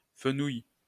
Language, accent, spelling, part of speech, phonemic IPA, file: French, France, fenouil, noun, /fə.nuj/, LL-Q150 (fra)-fenouil.wav
- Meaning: fennel